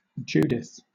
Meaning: 1. A female given name from Hebrew 2. A book of the Catholic and Eastern Orthodox canon of the Old Testament, considered apocryphal by Protestants 3. The protagonist of the Biblical book of Judith
- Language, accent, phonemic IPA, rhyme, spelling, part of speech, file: English, Southern England, /ˈd͡ʒuːdɪθ/, -uːdɪθ, Judith, proper noun, LL-Q1860 (eng)-Judith.wav